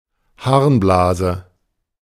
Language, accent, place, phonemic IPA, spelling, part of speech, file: German, Germany, Berlin, /ˈhaʁnblaːzə/, Harnblase, noun, De-Harnblase.ogg
- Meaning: urinary bladder